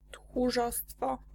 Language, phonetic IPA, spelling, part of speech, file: Polish, [txuˈʒɔstfɔ], tchórzostwo, noun, Pl-tchórzostwo.ogg